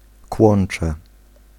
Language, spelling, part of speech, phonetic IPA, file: Polish, kłącze, noun, [ˈkwɔ̃n͇t͡ʃɛ], Pl-kłącze.ogg